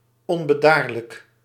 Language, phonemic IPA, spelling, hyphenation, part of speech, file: Dutch, /ˌɔn.bəˈdaːr.lək/, onbedaarlijk, on‧be‧daar‧lijk, adjective / adverb, Nl-onbedaarlijk.ogg
- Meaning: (adjective) irrepressible, uncontrollable; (adverb) irrepressibly, uncontrollably